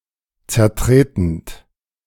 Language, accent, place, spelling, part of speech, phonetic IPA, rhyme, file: German, Germany, Berlin, zertretend, verb, [t͡sɛɐ̯ˈtʁeːtn̩t], -eːtn̩t, De-zertretend.ogg
- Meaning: present participle of zertreten